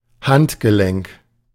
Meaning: wrist
- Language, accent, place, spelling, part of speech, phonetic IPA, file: German, Germany, Berlin, Handgelenk, noun, [ˈhantɡəˌlɛŋk], De-Handgelenk.ogg